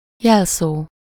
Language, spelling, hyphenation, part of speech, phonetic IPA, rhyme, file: Hungarian, jelszó, jel‧szó, noun, [ˈjɛlsoː], -soː, Hu-jelszó.ogg
- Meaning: 1. password, watchword (word used to gain admittance) 2. watchword, motto